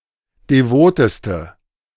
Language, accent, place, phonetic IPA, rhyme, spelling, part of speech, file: German, Germany, Berlin, [deˈvoːtəstə], -oːtəstə, devoteste, adjective, De-devoteste.ogg
- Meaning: inflection of devot: 1. strong/mixed nominative/accusative feminine singular superlative degree 2. strong nominative/accusative plural superlative degree